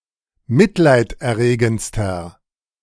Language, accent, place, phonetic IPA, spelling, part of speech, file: German, Germany, Berlin, [ˈmɪtlaɪ̯tʔɛɐ̯ˌʁeːɡn̩t͡stɐ], mitleiderregendster, adjective, De-mitleiderregendster.ogg
- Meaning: inflection of mitleiderregend: 1. strong/mixed nominative masculine singular superlative degree 2. strong genitive/dative feminine singular superlative degree